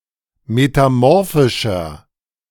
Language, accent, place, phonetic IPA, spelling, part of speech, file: German, Germany, Berlin, [metaˈmɔʁfɪʃɐ], metamorphischer, adjective, De-metamorphischer.ogg
- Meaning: inflection of metamorphisch: 1. strong/mixed nominative masculine singular 2. strong genitive/dative feminine singular 3. strong genitive plural